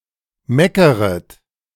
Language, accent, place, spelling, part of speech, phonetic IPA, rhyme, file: German, Germany, Berlin, meckeret, verb, [ˈmɛkəʁət], -ɛkəʁət, De-meckeret.ogg
- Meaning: second-person plural subjunctive I of meckern